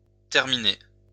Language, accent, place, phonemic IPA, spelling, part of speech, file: French, France, Lyon, /tɛʁ.mi.ne/, terminé, verb, LL-Q150 (fra)-terminé.wav
- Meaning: past participle of terminer